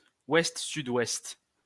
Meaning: west-southwest (compass point)
- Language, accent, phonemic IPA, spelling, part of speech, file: French, France, /wɛst.sy.dwɛst/, ouest-sud-ouest, noun, LL-Q150 (fra)-ouest-sud-ouest.wav